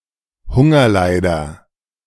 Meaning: starveling
- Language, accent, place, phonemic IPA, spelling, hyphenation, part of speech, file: German, Germany, Berlin, /ˈhʊŋɐˌlaɪ̯dɐ/, Hungerleider, Hun‧ger‧lei‧der, noun, De-Hungerleider.ogg